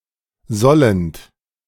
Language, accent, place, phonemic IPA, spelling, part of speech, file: German, Germany, Berlin, /ˈzɔlənt/, sollend, verb, De-sollend.ogg
- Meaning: present participle of sollen